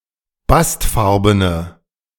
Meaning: inflection of bastfarben: 1. strong/mixed nominative/accusative feminine singular 2. strong nominative/accusative plural 3. weak nominative all-gender singular
- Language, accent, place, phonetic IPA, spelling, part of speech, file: German, Germany, Berlin, [ˈbastˌfaʁbənə], bastfarbene, adjective, De-bastfarbene.ogg